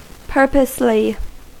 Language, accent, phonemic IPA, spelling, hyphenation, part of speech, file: English, US, /ˈpɝpəsli/, purposely, pur‧pose‧ly, adverb, En-us-purposely.ogg
- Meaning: On purpose; intentionally